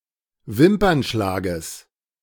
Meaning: genitive singular of Wimpernschlag
- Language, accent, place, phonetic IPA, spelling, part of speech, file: German, Germany, Berlin, [ˈvɪmpɐnˌʃlaːɡəs], Wimpernschlages, noun, De-Wimpernschlages.ogg